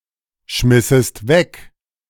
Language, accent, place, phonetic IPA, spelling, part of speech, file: German, Germany, Berlin, [ˌʃmɪsəst ˈvɛk], schmissest weg, verb, De-schmissest weg.ogg
- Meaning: second-person singular subjunctive II of wegschmeißen